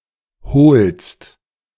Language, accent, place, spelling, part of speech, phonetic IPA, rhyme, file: German, Germany, Berlin, holst, verb, [hoːlst], -oːlst, De-holst.ogg
- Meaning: second-person singular present of holen